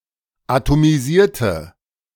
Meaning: inflection of atomisieren: 1. first/third-person singular preterite 2. first/third-person singular subjunctive II
- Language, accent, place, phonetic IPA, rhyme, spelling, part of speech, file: German, Germany, Berlin, [atomiˈziːɐ̯tə], -iːɐ̯tə, atomisierte, adjective / verb, De-atomisierte.ogg